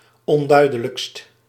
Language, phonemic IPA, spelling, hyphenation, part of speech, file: Dutch, /ɔnˈdœy̯dələkst/, onduidelijkst, on‧dui‧de‧lijkst, adjective, Nl-onduidelijkst.ogg
- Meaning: superlative degree of onduidelijk